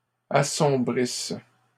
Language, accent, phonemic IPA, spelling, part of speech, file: French, Canada, /a.sɔ̃.bʁis/, assombrisse, verb, LL-Q150 (fra)-assombrisse.wav
- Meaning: inflection of assombrir: 1. first/third-person singular present subjunctive 2. first-person singular imperfect subjunctive